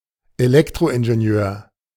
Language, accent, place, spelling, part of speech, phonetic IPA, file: German, Germany, Berlin, Elektroingenieur, noun, [eˈlɛktʁoʔɪnʒeˌni̯øːɐ̯], De-Elektroingenieur.ogg
- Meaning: electrical engineer